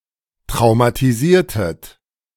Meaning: inflection of traumatisieren: 1. second-person plural preterite 2. second-person plural subjunctive II
- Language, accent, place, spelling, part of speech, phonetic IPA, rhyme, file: German, Germany, Berlin, traumatisiertet, verb, [tʁaʊ̯matiˈziːɐ̯tət], -iːɐ̯tət, De-traumatisiertet.ogg